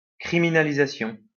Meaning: criminalization
- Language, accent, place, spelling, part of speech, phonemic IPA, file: French, France, Lyon, criminalisation, noun, /kʁi.mi.na.li.za.sjɔ̃/, LL-Q150 (fra)-criminalisation.wav